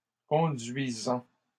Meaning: present participle of conduire
- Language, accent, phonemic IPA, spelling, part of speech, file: French, Canada, /kɔ̃.dɥi.zɑ̃/, conduisant, verb, LL-Q150 (fra)-conduisant.wav